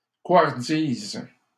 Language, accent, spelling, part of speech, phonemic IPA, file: French, Canada, couardise, noun, /kwaʁ.diz/, LL-Q150 (fra)-couardise.wav
- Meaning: cowardice